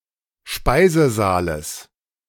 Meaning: genitive of Speisesaal
- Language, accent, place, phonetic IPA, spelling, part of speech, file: German, Germany, Berlin, [ˈʃpaɪ̯zəˌzaːləs], Speisesaales, noun, De-Speisesaales.ogg